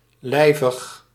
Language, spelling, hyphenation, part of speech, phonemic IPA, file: Dutch, lijvig, lij‧vig, adjective, /ˈlɛi̯.vəx/, Nl-lijvig.ogg
- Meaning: 1. corpulent, obese 2. heavy, bulky